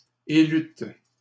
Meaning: second-person plural past historic of élire
- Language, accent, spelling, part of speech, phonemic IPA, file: French, Canada, élûtes, verb, /e.lyt/, LL-Q150 (fra)-élûtes.wav